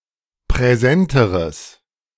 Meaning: strong/mixed nominative/accusative neuter singular comparative degree of präsent
- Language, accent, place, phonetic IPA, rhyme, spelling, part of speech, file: German, Germany, Berlin, [pʁɛˈzɛntəʁəs], -ɛntəʁəs, präsenteres, adjective, De-präsenteres.ogg